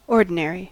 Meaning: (noun) A person with authority; authority, ordinance.: A person having immediate jurisdiction in a given case of ecclesiastical law, such as the bishop within a diocese
- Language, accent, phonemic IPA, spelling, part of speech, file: English, US, /ˈɔɹdɪnɛɹi/, ordinary, noun / adjective, En-us-ordinary.ogg